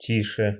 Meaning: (adjective) comparative degree of ти́хий (tíxij); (adverb) comparative degree of ти́хо (tíxo); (interjection) silence!
- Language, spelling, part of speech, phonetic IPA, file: Russian, тише, adjective / adverb / interjection, [ˈtʲiʂɨ], Ru-тише.ogg